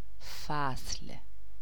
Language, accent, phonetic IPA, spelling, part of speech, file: Persian, Iran, [fæsl̥], فصل, noun, Fa-فصل.ogg
- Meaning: 1. season 2. chapter 3. settling, resolving (a problem, a question) 4. differentia